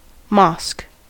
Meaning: A place of worship for Muslims, often having at least one minaret; a masjid
- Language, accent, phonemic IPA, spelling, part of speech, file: English, US, /mɑsk/, mosque, noun, En-us-mosque.ogg